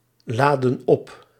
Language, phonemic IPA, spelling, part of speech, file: Dutch, /ˈladə(n) ˈɔp/, laadden op, verb, Nl-laadden op.ogg
- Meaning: inflection of opladen: 1. plural past indicative 2. plural past subjunctive